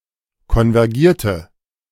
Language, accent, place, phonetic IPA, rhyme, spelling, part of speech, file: German, Germany, Berlin, [kɔnvɛʁˈɡiːɐ̯tə], -iːɐ̯tə, konvergierte, verb, De-konvergierte.ogg
- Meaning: inflection of konvergieren: 1. first/third-person singular preterite 2. first/third-person singular subjunctive II